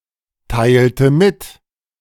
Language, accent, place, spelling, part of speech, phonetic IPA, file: German, Germany, Berlin, teilte mit, verb, [ˌtaɪ̯ltə ˈmɪt], De-teilte mit.ogg
- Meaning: inflection of mitteilen: 1. first/third-person singular preterite 2. first/third-person singular subjunctive II